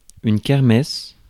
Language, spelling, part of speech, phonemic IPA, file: French, kermesse, noun, /kɛʁ.mɛs/, Fr-kermesse.ogg
- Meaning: kirmess, fair